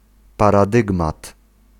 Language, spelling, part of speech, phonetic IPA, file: Polish, paradygmat, noun, [ˌparaˈdɨɡmat], Pl-paradygmat.ogg